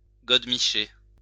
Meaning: dildo, godemiche
- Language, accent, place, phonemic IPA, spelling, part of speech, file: French, France, Lyon, /ɡɔd.mi.ʃɛ/, godemichet, noun, LL-Q150 (fra)-godemichet.wav